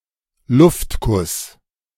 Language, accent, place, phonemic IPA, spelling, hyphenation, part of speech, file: German, Germany, Berlin, /ˈlʊftˌkʊs/, Luftkuss, Luft‧kuss, noun, De-Luftkuss.ogg
- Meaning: air kiss; flying kiss (any gesture representing a kiss from afar)